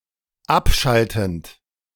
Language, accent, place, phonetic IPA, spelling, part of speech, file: German, Germany, Berlin, [ˈapˌʃaltn̩t], abschaltend, verb, De-abschaltend.ogg
- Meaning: present participle of abschalten